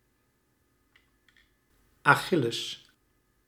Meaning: Achilles
- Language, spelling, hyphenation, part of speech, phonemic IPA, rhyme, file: Dutch, Achilles, Achil‧les, proper noun, /ˌɑˈxɪ.ləs/, -ɪləs, Nl-Achilles.ogg